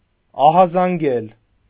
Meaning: 1. to sound the alarm, to raise the alarm, to alarm 2. to warn, to alert
- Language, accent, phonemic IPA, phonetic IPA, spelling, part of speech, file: Armenian, Eastern Armenian, /ɑhɑzɑnˈɡel/, [ɑhɑzɑŋɡél], ահազանգել, verb, Hy-ահազանգել.ogg